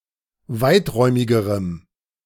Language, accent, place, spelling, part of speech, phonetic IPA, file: German, Germany, Berlin, weiträumigerem, adjective, [ˈvaɪ̯tˌʁɔɪ̯mɪɡəʁəm], De-weiträumigerem.ogg
- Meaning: strong dative masculine/neuter singular comparative degree of weiträumig